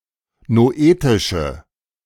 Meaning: inflection of noetisch: 1. strong/mixed nominative/accusative feminine singular 2. strong nominative/accusative plural 3. weak nominative all-gender singular
- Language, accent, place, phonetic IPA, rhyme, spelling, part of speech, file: German, Germany, Berlin, [noˈʔeːtɪʃə], -eːtɪʃə, noetische, adjective, De-noetische.ogg